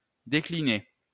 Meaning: 1. to weaken, to sicken, to go downhill 2. to enumerate 3. to decline 4. to develop a range from a product 5. to be available (in a variety of forms, models, etc.)
- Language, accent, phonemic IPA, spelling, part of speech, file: French, France, /de.kli.ne/, décliner, verb, LL-Q150 (fra)-décliner.wav